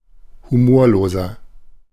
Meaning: 1. comparative degree of humorlos 2. inflection of humorlos: strong/mixed nominative masculine singular 3. inflection of humorlos: strong genitive/dative feminine singular
- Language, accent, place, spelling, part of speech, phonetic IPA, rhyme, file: German, Germany, Berlin, humorloser, adjective, [huˈmoːɐ̯loːzɐ], -oːɐ̯loːzɐ, De-humorloser.ogg